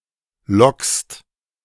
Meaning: second-person singular present of locken
- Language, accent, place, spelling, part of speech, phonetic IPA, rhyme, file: German, Germany, Berlin, lockst, verb, [lɔkst], -ɔkst, De-lockst.ogg